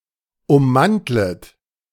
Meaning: second-person plural subjunctive I of ummanteln
- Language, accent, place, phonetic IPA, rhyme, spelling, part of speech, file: German, Germany, Berlin, [ʊmˈmantlət], -antlət, ummantlet, verb, De-ummantlet.ogg